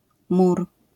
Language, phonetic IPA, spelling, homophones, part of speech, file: Polish, [mur], mór, mur, noun, LL-Q809 (pol)-mór.wav